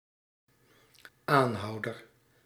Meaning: 1. persister, one who perseveres 2. (extramarital) lover
- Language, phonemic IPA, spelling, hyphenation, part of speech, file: Dutch, /ˈaːnˌɦɑu̯.dər/, aanhouder, aan‧hou‧der, noun, Nl-aanhouder.ogg